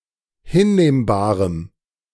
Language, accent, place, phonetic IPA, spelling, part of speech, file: German, Germany, Berlin, [ˈhɪnˌneːmbaːʁəm], hinnehmbarem, adjective, De-hinnehmbarem.ogg
- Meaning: strong dative masculine/neuter singular of hinnehmbar